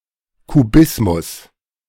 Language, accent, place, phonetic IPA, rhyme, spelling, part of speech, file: German, Germany, Berlin, [kuˈbɪsmʊs], -ɪsmʊs, Kubismus, noun, De-Kubismus.ogg
- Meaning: cubism